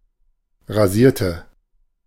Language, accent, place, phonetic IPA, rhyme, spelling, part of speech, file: German, Germany, Berlin, [ʁaˈziːɐ̯tə], -iːɐ̯tə, rasierte, adjective / verb, De-rasierte.ogg
- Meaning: inflection of rasieren: 1. first/third-person singular preterite 2. first/third-person singular subjunctive II